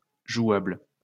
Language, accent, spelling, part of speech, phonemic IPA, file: French, France, jouable, adjective, /ʒwabl/, LL-Q150 (fra)-jouable.wav
- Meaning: 1. playable 2. feasible